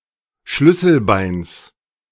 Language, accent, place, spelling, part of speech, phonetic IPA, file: German, Germany, Berlin, Schlüsselbeins, noun, [ˈʃlʏsl̩ˌbaɪ̯ns], De-Schlüsselbeins.ogg
- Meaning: genitive singular of Schlüsselbein